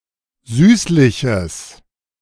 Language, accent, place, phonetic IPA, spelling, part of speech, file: German, Germany, Berlin, [ˈzyːslɪçəs], süßliches, adjective, De-süßliches.ogg
- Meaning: strong/mixed nominative/accusative neuter singular of süßlich